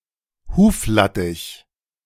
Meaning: yellow coltsfoot, Tussilago farfara (type of plant)
- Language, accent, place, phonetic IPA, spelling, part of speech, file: German, Germany, Berlin, [ˈhuːfˌlatɪç], Huflattich, noun, De-Huflattich.ogg